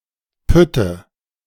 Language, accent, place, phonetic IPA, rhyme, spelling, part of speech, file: German, Germany, Berlin, [ˈpʏtə], -ʏtə, Pütte, noun, De-Pütte.ogg
- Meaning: nominative/accusative/genitive plural of Pütt